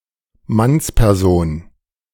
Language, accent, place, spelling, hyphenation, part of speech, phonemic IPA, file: German, Germany, Berlin, Mannsperson, Manns‧per‧son, noun, /ˈmanspɛʁˌzoːn/, De-Mannsperson.ogg
- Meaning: man